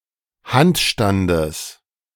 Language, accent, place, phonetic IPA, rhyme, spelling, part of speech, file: German, Germany, Berlin, [ˈhantˌʃtandəs], -antʃtandəs, Handstandes, noun, De-Handstandes.ogg
- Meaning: genitive singular of Handstand